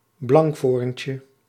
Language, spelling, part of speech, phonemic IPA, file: Dutch, blankvoorntje, noun, /ˈblɑŋkforᵊncə/, Nl-blankvoorntje.ogg
- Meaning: diminutive of blankvoorn